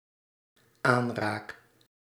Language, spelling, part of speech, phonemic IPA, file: Dutch, aanraak, verb, /ˈanrak/, Nl-aanraak.ogg
- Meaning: first-person singular dependent-clause present indicative of aanraken